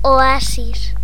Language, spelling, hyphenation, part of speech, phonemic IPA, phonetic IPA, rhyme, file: Galician, oasis, o‧a‧sis, noun, /ɔˈasis/, [ɔˈa.s̺is̺], -asis, Gl-oasis.ogg
- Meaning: 1. oasis (spring of fresh water in a desert) 2. oasis (quiet, peaceful place)